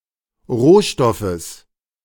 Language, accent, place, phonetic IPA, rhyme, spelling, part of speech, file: German, Germany, Berlin, [ˈʁoːˌʃtɔfəs], -oːʃtɔfəs, Rohstoffes, noun, De-Rohstoffes.ogg
- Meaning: genitive singular of Rohstoff